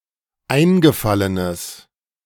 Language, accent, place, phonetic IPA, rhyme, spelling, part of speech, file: German, Germany, Berlin, [ˈaɪ̯nɡəˌfalənəs], -aɪ̯nɡəfalənəs, eingefallenes, adjective, De-eingefallenes.ogg
- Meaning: strong/mixed nominative/accusative neuter singular of eingefallen